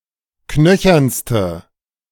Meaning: inflection of knöchern: 1. strong/mixed nominative/accusative feminine singular superlative degree 2. strong nominative/accusative plural superlative degree
- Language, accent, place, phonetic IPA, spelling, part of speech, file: German, Germany, Berlin, [ˈknœçɐnstə], knöchernste, adjective, De-knöchernste.ogg